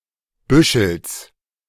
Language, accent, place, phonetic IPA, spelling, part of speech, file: German, Germany, Berlin, [ˈbʏʃl̩s], Büschels, noun, De-Büschels.ogg
- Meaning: genitive singular of Büschel